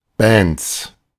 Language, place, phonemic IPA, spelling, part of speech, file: German, Berlin, /bɛnts/, Bands, noun, De-Bands.ogg
- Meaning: plural of Band (“music band”)